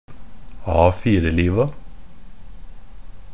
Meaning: definite plural of A4-liv
- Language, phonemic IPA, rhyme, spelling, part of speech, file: Norwegian Bokmål, /ˈɑːfiːrəliːʋa/, -iːʋa, A4-liva, noun, NB - Pronunciation of Norwegian Bokmål «A4-liva».ogg